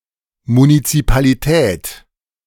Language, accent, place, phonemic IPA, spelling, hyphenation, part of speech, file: German, Germany, Berlin, /munit͡sipaliˈtɛːt/, Munizipalität, Mu‧ni‧zi‧pa‧li‧tät, noun, De-Munizipalität.ogg
- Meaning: municipal authorities